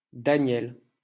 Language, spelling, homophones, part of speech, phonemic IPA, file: French, Daniel, Danielle / Danièle, proper noun, /da.njɛl/, LL-Q150 (fra)-Daniel.wav
- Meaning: 1. Daniel (biblical book and prophet) 2. a male given name from Hebrew, equivalent to English Daniel